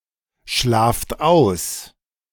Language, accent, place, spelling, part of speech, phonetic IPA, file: German, Germany, Berlin, schlaft aus, verb, [ˌʃlaːft ˈaʊ̯s], De-schlaft aus.ogg
- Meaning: inflection of ausschlafen: 1. second-person plural present 2. plural imperative